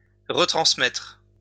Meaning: to retransmit (to transmit again)
- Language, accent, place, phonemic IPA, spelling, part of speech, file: French, France, Lyon, /ʁə.tʁɑ̃s.mɛtʁ/, retransmettre, verb, LL-Q150 (fra)-retransmettre.wav